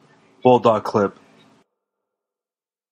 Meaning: 1. A binder clip with rigid handles 2. A surgical instrument with serrated jaws and a spring-loaded handle used to grip blood vessels or similar organs
- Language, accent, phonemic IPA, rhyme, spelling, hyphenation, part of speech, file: English, General American, /ˈbʊlˌdɔɡ ˈklɪp/, -ɪp, bulldog clip, bull‧dog clip, noun, En-us-bulldog clip.flac